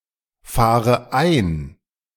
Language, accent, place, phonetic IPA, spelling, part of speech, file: German, Germany, Berlin, [ˌfaːʁə ˈaɪ̯n], fahre ein, verb, De-fahre ein.ogg
- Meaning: inflection of einfahren: 1. first-person singular present 2. first/third-person singular subjunctive I 3. singular imperative